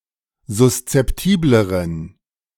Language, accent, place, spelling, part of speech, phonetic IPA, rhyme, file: German, Germany, Berlin, suszeptibleren, adjective, [zʊst͡sɛpˈtiːbləʁən], -iːbləʁən, De-suszeptibleren.ogg
- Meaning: inflection of suszeptibel: 1. strong genitive masculine/neuter singular comparative degree 2. weak/mixed genitive/dative all-gender singular comparative degree